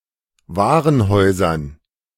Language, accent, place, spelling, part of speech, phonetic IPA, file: German, Germany, Berlin, Warenhäusern, noun, [ˈvaːʁənˌhɔɪ̯zɐn], De-Warenhäusern.ogg
- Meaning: dative plural of Warenhaus